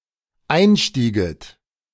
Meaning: second-person plural dependent subjunctive II of einsteigen
- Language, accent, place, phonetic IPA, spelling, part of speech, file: German, Germany, Berlin, [ˈaɪ̯nˌʃtiːɡət], einstieget, verb, De-einstieget.ogg